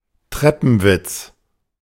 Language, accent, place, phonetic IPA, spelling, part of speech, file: German, Germany, Berlin, [ˈtʁɛpn̩ˌvɪt͡s], Treppenwitz, noun, De-Treppenwitz.ogg
- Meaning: 1. staircase wit; l'esprit de l'escalier; a remark or rejoinder thought of only when it is too late 2. an ironic and absurd coincidence; something that, if it were not true, would seem like a bad joke